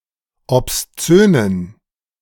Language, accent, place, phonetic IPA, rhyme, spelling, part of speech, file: German, Germany, Berlin, [ɔpsˈt͡søːnən], -øːnən, obszönen, adjective, De-obszönen.ogg
- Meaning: inflection of obszön: 1. strong genitive masculine/neuter singular 2. weak/mixed genitive/dative all-gender singular 3. strong/weak/mixed accusative masculine singular 4. strong dative plural